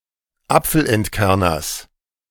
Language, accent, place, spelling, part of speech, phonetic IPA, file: German, Germany, Berlin, Apfelentkerners, noun, [ˈap͡fl̩ʔɛntˌkɛʁnɐs], De-Apfelentkerners.ogg
- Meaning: genitive of Apfelentkerner